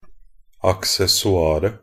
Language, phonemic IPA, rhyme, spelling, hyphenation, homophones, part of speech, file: Norwegian Bokmål, /aksɛsɔˈɑːrə/, -ɑːrə, accessoiret, ac‧ces‧so‧ir‧et, aksessoaret, noun, Nb-accessoiret.ogg
- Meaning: definite neuter singular of accessoir